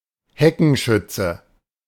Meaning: 1. guerrilla fighter or criminal who shoots from a concealed position; sniper (in this sense) 2. synonym of Scharfschütze (“military sniper”)
- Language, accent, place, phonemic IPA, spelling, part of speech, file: German, Germany, Berlin, /ˈhɛkənˌʃʏt͡sə/, Heckenschütze, noun, De-Heckenschütze.ogg